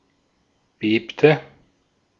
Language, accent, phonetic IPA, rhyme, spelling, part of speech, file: German, Austria, [ˈbeːptə], -eːptə, bebte, verb, De-at-bebte.ogg
- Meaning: inflection of beben: 1. first/third-person singular preterite 2. first/third-person singular subjunctive II